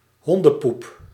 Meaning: dog dirt, dog shit
- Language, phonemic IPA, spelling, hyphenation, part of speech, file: Dutch, /ˈɦɔn.də(n)ˌpup/, hondenpoep, hon‧den‧poep, noun, Nl-hondenpoep.ogg